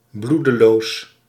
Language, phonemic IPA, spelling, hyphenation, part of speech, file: Dutch, /ˈblu.dəˌloːs/, bloedeloos, bloe‧de‧loos, adjective, Nl-bloedeloos.ogg
- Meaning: 1. bloodless (lacking emotion or vigor) 2. bloodless (lacking blood)